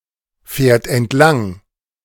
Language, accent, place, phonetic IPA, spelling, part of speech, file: German, Germany, Berlin, [ˌfɛːɐ̯t ɛntˈlaŋ], fährt entlang, verb, De-fährt entlang.ogg
- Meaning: third-person singular present of entlangfahren